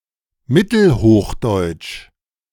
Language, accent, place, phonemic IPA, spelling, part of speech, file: German, Germany, Berlin, /ˈmɪtəlhoːxˌdɔɪ̯t͡ʃ/, Mittelhochdeutsch, proper noun, De-Mittelhochdeutsch.ogg
- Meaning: Middle High German